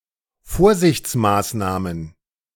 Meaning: plural of Vorsichtsmaßnahme
- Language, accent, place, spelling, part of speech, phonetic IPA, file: German, Germany, Berlin, Vorsichtsmaßnahmen, noun, [ˈfoːɐ̯zɪçt͡sˌmaːsnaːmən], De-Vorsichtsmaßnahmen.ogg